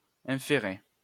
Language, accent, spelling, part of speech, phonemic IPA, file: French, France, inférer, verb, /ɛ̃.fe.ʁe/, LL-Q150 (fra)-inférer.wav
- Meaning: to infer (make an inference)